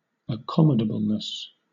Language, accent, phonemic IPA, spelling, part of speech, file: English, Southern England, /əˈkɒ.mə.də.bəl.nəs/, accommodableness, noun, LL-Q1860 (eng)-accommodableness.wav
- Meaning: The quality or condition of being accommodable